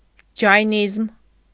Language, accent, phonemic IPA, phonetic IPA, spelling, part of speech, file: Armenian, Eastern Armenian, /d͡ʒɑjˈnizm/, [d͡ʒɑjnízm], ջայնիզմ, noun, Hy-ջայնիզմ.ogg
- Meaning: Jainism